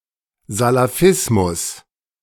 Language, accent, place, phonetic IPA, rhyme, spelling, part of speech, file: German, Germany, Berlin, [zalaˈfɪsmʊs], -ɪsmʊs, Salafismus, noun, De-Salafismus.ogg
- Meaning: Salafism